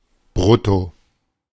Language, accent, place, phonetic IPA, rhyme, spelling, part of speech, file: German, Germany, Berlin, [ˈbʁʊto], -ʊto, brutto, adverb, De-brutto.ogg
- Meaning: gross